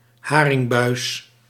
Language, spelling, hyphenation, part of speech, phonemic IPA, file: Dutch, haringbuis, ha‧ring‧buis, noun, /ˈɦaː.rɪŋˌbœy̯s/, Nl-haringbuis.ogg
- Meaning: herring buss; an old type of keeled fishing boat used for catching herring, having two or three rectangular main sails